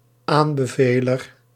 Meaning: 1. a recommender, one who recommend 2. something that is recommended
- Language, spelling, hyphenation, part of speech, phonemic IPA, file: Dutch, aanbeveler, aan‧be‧ve‧ler, noun, /ˈaːn.bəˌveː.lər/, Nl-aanbeveler.ogg